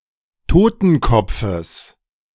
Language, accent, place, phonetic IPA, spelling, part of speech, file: German, Germany, Berlin, [ˈtoːtn̩ˌkɔp͡fəs], Totenkopfes, noun, De-Totenkopfes.ogg
- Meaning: genitive singular of Totenkopf